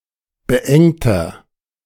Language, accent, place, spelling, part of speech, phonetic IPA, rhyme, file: German, Germany, Berlin, beengter, adjective, [bəˈʔɛŋtɐ], -ɛŋtɐ, De-beengter.ogg
- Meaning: 1. comparative degree of beengt 2. inflection of beengt: strong/mixed nominative masculine singular 3. inflection of beengt: strong genitive/dative feminine singular